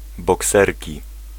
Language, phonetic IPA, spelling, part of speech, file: Polish, [bɔˈksɛrʲci], bokserki, noun, Pl-bokserki.ogg